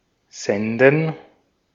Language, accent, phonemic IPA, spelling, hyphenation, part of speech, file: German, Austria, /ˈzɛndən/, senden, sen‧den, verb, De-at-senden.ogg
- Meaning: 1. to broadcast; to transmit 2. to send